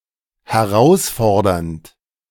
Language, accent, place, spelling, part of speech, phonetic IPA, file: German, Germany, Berlin, herausfordernd, verb, [hɛˈʁaʊ̯sˌfɔʁdɐnt], De-herausfordernd.ogg
- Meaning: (verb) present participle of herausfordern; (adjective) challenging